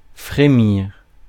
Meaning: 1. to quiver; to shiver 2. to simmer
- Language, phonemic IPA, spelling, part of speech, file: French, /fʁe.miʁ/, frémir, verb, Fr-frémir.ogg